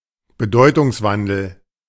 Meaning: semantic change, semantic shift
- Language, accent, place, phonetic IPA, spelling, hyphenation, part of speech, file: German, Germany, Berlin, [bəˈdɔɪ̯tʊŋsˌvandl̩], Bedeutungswandel, Be‧deu‧tungs‧wan‧del, noun, De-Bedeutungswandel.ogg